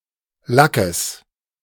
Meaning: genitive singular of Lack
- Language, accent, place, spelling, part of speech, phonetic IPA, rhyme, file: German, Germany, Berlin, Lackes, noun, [ˈlakəs], -akəs, De-Lackes.ogg